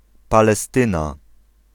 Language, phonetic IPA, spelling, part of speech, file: Polish, [ˌpalɛˈstɨ̃na], Palestyna, proper noun, Pl-Palestyna.ogg